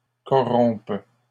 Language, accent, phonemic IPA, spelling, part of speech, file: French, Canada, /kɔ.ʁɔ̃p/, corrompent, verb, LL-Q150 (fra)-corrompent.wav
- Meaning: third-person plural present indicative/subjunctive of corrompre